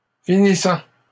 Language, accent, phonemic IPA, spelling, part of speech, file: French, Canada, /fi.ni.sɑ̃/, finissants, noun / adjective, LL-Q150 (fra)-finissants.wav
- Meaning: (noun) plural of finissant